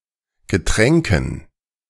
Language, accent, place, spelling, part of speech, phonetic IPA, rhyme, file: German, Germany, Berlin, Getränken, noun, [ɡəˈtʁɛŋkn̩], -ɛŋkn̩, De-Getränken.ogg
- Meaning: dative plural of Getränk